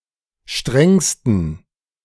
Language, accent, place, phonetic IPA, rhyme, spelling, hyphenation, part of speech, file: German, Germany, Berlin, [ˈʃtʁɛŋstn̩], -ɛŋstn̩, strengsten, strengs‧ten, adjective, De-strengsten.ogg
- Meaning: 1. superlative degree of streng 2. inflection of streng: strong genitive masculine/neuter singular superlative degree